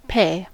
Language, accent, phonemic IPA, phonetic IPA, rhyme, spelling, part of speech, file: English, General American, /peɪ/, [pʰeɪ̯], -eɪ, pay, verb / noun / adjective, En-us-pay.ogg
- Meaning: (verb) 1. To give money or other compensation to in exchange for goods or services 2. To deposit into an account